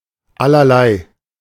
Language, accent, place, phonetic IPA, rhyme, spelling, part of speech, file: German, Germany, Berlin, [alɐˈlaɪ̯], -aɪ̯, Allerlei, noun, De-Allerlei.ogg
- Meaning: potpourri, medley